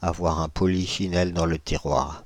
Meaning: to have a bun in the oven (to be pregnant; to be expecting a baby)
- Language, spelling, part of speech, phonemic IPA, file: French, avoir un polichinelle dans le tiroir, verb, /a.vwa.ʁ‿œ̃ pɔ.li.ʃi.nɛl dɑ̃ l(ə) ti.ʁwaʁ/, Fr-avoir un polichinelle dans le tiroir.ogg